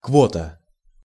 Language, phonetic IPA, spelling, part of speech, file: Russian, [ˈkvotə], квота, noun, Ru-квота.ogg
- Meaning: quota